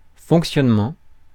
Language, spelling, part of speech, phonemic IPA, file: French, fonctionnement, noun, /fɔ̃k.sjɔn.mɑ̃/, Fr-fonctionnement.ogg
- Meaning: 1. working 2. functioning 3. operation